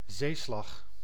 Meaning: 1. sea battle, naval battle 2. battleship
- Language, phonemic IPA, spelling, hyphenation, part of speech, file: Dutch, /ˈzeː.slɑx/, zeeslag, zee‧slag, noun, Nl-zeeslag.ogg